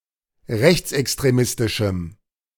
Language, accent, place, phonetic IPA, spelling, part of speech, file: German, Germany, Berlin, [ˈʁɛçt͡sʔɛkstʁeˌmɪstɪʃm̩], rechtsextremistischem, adjective, De-rechtsextremistischem.ogg
- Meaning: strong dative masculine/neuter singular of rechtsextremistisch